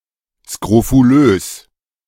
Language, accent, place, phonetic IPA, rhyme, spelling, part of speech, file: German, Germany, Berlin, [skʁofuˈløːs], -øːs, skrofulös, adjective, De-skrofulös.ogg
- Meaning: scrofulous